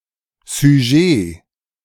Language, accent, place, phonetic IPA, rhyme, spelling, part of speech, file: German, Germany, Berlin, [zyˈʒeː], -eː, Sujet, noun, De-Sujet.ogg
- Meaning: subject